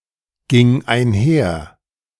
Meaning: first/third-person singular preterite of einhergehen
- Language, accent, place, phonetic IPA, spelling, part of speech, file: German, Germany, Berlin, [ˌɡɪŋ aɪ̯nˈhɛɐ̯], ging einher, verb, De-ging einher.ogg